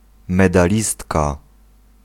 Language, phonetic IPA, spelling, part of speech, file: Polish, [ˌmɛdaˈlʲistka], medalistka, noun, Pl-medalistka.ogg